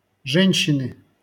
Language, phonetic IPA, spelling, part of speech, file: Russian, [ˈʐɛnʲɕːɪnɨ], женщины, noun, LL-Q7737 (rus)-женщины.wav
- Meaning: 1. inflection of же́нщина (žénščina) 2. inflection of же́нщина (žénščina): genitive singular 3. inflection of же́нщина (žénščina): nominative plural